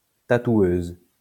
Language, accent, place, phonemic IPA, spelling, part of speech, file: French, France, Lyon, /ta.twøz/, tatoueuse, noun, LL-Q150 (fra)-tatoueuse.wav
- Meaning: female equivalent of tatoueur